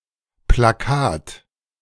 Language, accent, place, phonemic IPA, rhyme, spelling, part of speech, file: German, Germany, Berlin, /plaˈkaːt/, -aːt, Plakat, noun, De-Plakat.ogg
- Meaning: poster (piece of printed paper)